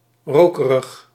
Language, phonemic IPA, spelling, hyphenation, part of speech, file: Dutch, /ˈroː.kə.rəx/, rokerig, ro‧ke‧rig, adjective, Nl-rokerig.ogg
- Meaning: smoky, pertaining to, containing, causing, smelling like or tasting like smoke